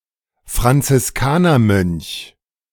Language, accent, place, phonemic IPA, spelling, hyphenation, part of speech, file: German, Germany, Berlin, /fʁant͡sɪsˈkaːnɐˌmœnç/, Franziskanermönch, Fran‧zis‧ka‧ner‧mönch, noun, De-Franziskanermönch.ogg
- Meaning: Franciscan (monk), grey friar